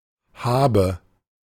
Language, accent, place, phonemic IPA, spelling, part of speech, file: German, Germany, Berlin, /ˈhaːbə/, Habe, noun, De-Habe.ogg
- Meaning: belongings, possession